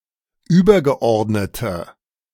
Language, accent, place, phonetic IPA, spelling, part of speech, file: German, Germany, Berlin, [ˈyːbɐɡəˌʔɔʁdnətə], übergeordnete, adjective, De-übergeordnete.ogg
- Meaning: inflection of übergeordnet: 1. strong/mixed nominative/accusative feminine singular 2. strong nominative/accusative plural 3. weak nominative all-gender singular